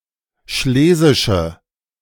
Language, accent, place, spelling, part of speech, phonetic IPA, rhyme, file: German, Germany, Berlin, schlesische, adjective, [ˈʃleːzɪʃə], -eːzɪʃə, De-schlesische.ogg
- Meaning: inflection of schlesisch: 1. strong/mixed nominative/accusative feminine singular 2. strong nominative/accusative plural 3. weak nominative all-gender singular